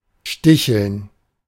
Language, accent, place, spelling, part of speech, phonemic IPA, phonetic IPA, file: German, Germany, Berlin, sticheln, verb, /ˈʃtɪçəln/, [ˈʃtɪçl̩n], De-sticheln.ogg
- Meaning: 1. to tease, to provoke, to banter 2. to prick repeatedly 3. to sew with small stitches